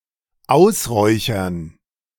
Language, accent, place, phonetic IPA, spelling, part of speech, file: German, Germany, Berlin, [ˈaʊ̯sˌʁɔɪ̯çɐn], ausräuchern, verb, De-ausräuchern.ogg
- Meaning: 1. to fumigate (a place for vermin control) 2. to smoke out, to drive out by smoke or (figurative) other coercive means